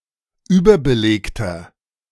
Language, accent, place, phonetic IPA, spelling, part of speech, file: German, Germany, Berlin, [ˈyːbɐbəˌleːktɐ], überbelegter, adjective, De-überbelegter.ogg
- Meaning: inflection of überbelegt: 1. strong/mixed nominative masculine singular 2. strong genitive/dative feminine singular 3. strong genitive plural